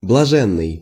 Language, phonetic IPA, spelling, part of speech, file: Russian, [bɫɐˈʐɛnːɨj], блаженный, adjective, Ru-блаженный.ogg
- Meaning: 1. blissful 2. beatified, saint 3. "God's fool", holy fool